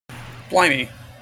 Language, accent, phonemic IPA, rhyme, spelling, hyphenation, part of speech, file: English, General American, /ˈblaɪmi/, -aɪmi, blimey, bli‧mey, interjection, En-us-blimey.mp3
- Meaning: Used to express anger, excitement, surprise, etc